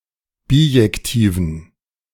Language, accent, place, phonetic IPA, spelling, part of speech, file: German, Germany, Berlin, [ˈbiːjɛktiːvn̩], bijektiven, adjective, De-bijektiven.ogg
- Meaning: inflection of bijektiv: 1. strong genitive masculine/neuter singular 2. weak/mixed genitive/dative all-gender singular 3. strong/weak/mixed accusative masculine singular 4. strong dative plural